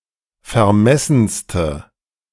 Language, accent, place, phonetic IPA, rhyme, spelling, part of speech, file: German, Germany, Berlin, [fɛɐ̯ˈmɛsn̩stə], -ɛsn̩stə, vermessenste, adjective, De-vermessenste.ogg
- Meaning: inflection of vermessen: 1. strong/mixed nominative/accusative feminine singular superlative degree 2. strong nominative/accusative plural superlative degree